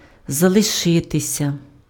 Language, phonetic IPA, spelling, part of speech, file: Ukrainian, [zɐɫeˈʃɪtesʲɐ], залишитися, verb, Uk-залишитися.ogg
- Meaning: to remain, to stay; to be left